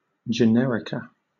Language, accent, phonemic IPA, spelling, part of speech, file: English, Southern England, /d͡ʒəˈnɛɹɪkə/, Generica, proper noun, LL-Q1860 (eng)-Generica.wav
- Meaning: The features of the landscape such as fire hydrants, letterboxes, fast-food chains, and streets named Main, etc., that are the same throughout the United States